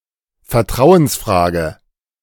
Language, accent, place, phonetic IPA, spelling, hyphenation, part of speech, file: German, Germany, Berlin, [fɛɐ̯ˈtʁaʊ̯ənsˌfʁaːɡə], Vertrauensfrage, Ver‧trau‧ens‧fra‧ge, noun, De-Vertrauensfrage.ogg
- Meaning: 1. question of trust 2. motion of confidence, vote of confidence